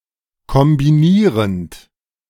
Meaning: present participle of kombinieren
- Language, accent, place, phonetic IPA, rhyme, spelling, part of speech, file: German, Germany, Berlin, [kɔmbiˈniːʁənt], -iːʁənt, kombinierend, verb, De-kombinierend.ogg